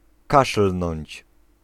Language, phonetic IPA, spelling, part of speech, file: Polish, [ˈkaʃl̥nɔ̃ɲt͡ɕ], kaszlnąć, verb, Pl-kaszlnąć.ogg